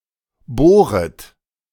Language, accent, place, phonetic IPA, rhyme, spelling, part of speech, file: German, Germany, Berlin, [ˈboːʁət], -oːʁət, bohret, verb, De-bohret.ogg
- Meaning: second-person plural subjunctive I of bohren